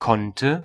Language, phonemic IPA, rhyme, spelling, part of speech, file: German, /ˈkɔntə/, -tə, konnte, verb, De-konnte.ogg
- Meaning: first/third-person singular preterite of können